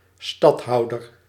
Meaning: stadtholder (chief magistrate of the Dutch Republic)
- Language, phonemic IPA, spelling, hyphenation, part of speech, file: Dutch, /ˈstɑtˌɦɑu̯dər/, stadhouder, stad‧hou‧der, noun, Nl-stadhouder.ogg